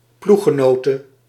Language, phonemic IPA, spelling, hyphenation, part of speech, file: Dutch, /ˈpluxəˌnoːtə/, ploeggenote, ploeg‧ge‧no‧te, noun, Nl-ploeggenote.ogg
- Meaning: female equivalent of ploeggenoot